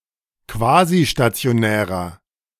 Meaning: inflection of quasistationär: 1. strong/mixed nominative masculine singular 2. strong genitive/dative feminine singular 3. strong genitive plural
- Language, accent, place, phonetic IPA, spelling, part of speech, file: German, Germany, Berlin, [ˈkvaːziʃtat͡si̯oˌnɛːʁɐ], quasistationärer, adjective, De-quasistationärer.ogg